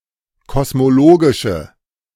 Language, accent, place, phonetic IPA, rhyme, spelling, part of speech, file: German, Germany, Berlin, [kɔsmoˈloːɡɪʃə], -oːɡɪʃə, kosmologische, adjective, De-kosmologische.ogg
- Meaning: inflection of kosmologisch: 1. strong/mixed nominative/accusative feminine singular 2. strong nominative/accusative plural 3. weak nominative all-gender singular